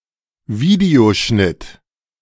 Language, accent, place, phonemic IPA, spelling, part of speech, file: German, Germany, Berlin, /ˈviːdeoʃnɪt/, Videoschnitt, noun, De-Videoschnitt.ogg
- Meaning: video editing